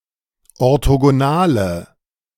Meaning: inflection of orthogonal: 1. strong/mixed nominative/accusative feminine singular 2. strong nominative/accusative plural 3. weak nominative all-gender singular
- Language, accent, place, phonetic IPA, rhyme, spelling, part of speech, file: German, Germany, Berlin, [ɔʁtoɡoˈnaːlə], -aːlə, orthogonale, adjective, De-orthogonale.ogg